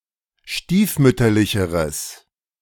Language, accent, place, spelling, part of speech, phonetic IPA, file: German, Germany, Berlin, stiefmütterlicheres, adjective, [ˈʃtiːfˌmʏtɐlɪçəʁəs], De-stiefmütterlicheres.ogg
- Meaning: strong/mixed nominative/accusative neuter singular comparative degree of stiefmütterlich